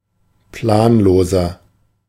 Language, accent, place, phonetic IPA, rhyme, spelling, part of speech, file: German, Germany, Berlin, [ˈplaːnˌloːzɐ], -aːnloːzɐ, planloser, adjective, De-planloser.ogg
- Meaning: inflection of planlos: 1. strong/mixed nominative masculine singular 2. strong genitive/dative feminine singular 3. strong genitive plural